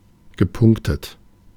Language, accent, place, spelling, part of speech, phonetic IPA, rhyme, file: German, Germany, Berlin, gepunktet, adjective / verb, [ɡəˈpʊŋktət], -ʊŋktət, De-gepunktet.ogg
- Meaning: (verb) past participle of punkten; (adjective) dotted